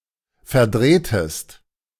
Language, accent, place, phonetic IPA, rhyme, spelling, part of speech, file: German, Germany, Berlin, [fɛɐ̯ˈdʁeːtəst], -eːtəst, verdrehtest, verb, De-verdrehtest.ogg
- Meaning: inflection of verdrehen: 1. second-person singular preterite 2. second-person singular subjunctive II